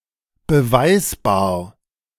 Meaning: provable
- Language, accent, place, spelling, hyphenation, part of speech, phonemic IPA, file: German, Germany, Berlin, beweisbar, be‧weis‧bar, adjective, /bəˈvaɪ̯sbaːɐ̯/, De-beweisbar.ogg